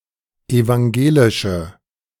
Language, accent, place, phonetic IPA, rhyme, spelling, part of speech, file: German, Germany, Berlin, [evaŋˈɡeːlɪʃə], -eːlɪʃə, evangelische, adjective, De-evangelische.ogg
- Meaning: inflection of evangelisch: 1. strong/mixed nominative/accusative feminine singular 2. strong nominative/accusative plural 3. weak nominative all-gender singular